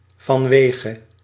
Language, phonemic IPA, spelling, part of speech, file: Dutch, /vɑnˈʋeːɣə/, vanwege, preposition, Nl-vanwege.ogg
- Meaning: because of, due to